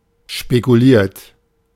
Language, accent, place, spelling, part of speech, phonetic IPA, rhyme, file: German, Germany, Berlin, spekuliert, verb, [ʃpekuˈliːɐ̯t], -iːɐ̯t, De-spekuliert.ogg
- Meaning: 1. past participle of spekulieren 2. inflection of spekulieren: third-person singular present 3. inflection of spekulieren: second-person plural present 4. inflection of spekulieren: plural imperative